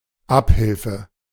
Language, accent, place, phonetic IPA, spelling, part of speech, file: German, Germany, Berlin, [ˈaphɪlfə], Abhilfe, noun, De-Abhilfe.ogg
- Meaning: 1. remedy, relief 2. redress